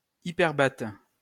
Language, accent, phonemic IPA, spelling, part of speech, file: French, France, /i.pɛʁ.bat/, hyperbate, noun, LL-Q150 (fra)-hyperbate.wav
- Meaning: hyperbaton